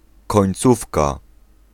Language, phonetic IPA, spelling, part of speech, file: Polish, [kɔ̃j̃nˈt͡sufka], końcówka, noun, Pl-końcówka.ogg